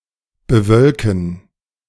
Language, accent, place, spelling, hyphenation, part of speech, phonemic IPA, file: German, Germany, Berlin, bewölken, be‧wöl‧ken, verb, /bəˈvœlkn̩/, De-bewölken.ogg
- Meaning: to cloud up